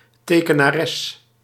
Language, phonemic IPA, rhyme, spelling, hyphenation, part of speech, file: Dutch, /ˌteː.kə.naːˈrɛs/, -ɛs, tekenares, te‧ke‧na‧res, noun, Nl-tekenares.ogg
- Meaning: female equivalent of tekenaar